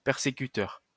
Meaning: persecutor
- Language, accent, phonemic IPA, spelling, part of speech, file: French, France, /pɛʁ.se.ky.tœʁ/, persécuteur, noun, LL-Q150 (fra)-persécuteur.wav